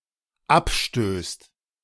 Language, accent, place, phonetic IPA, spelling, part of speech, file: German, Germany, Berlin, [ˈapˌʃtøːst], abstößt, verb, De-abstößt.ogg
- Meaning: second/third-person singular dependent present of abstoßen